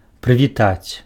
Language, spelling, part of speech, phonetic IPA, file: Belarusian, прывітаць, verb, [prɨvʲiˈtat͡sʲ], Be-прывітаць.ogg
- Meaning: to greet, to hail, to salute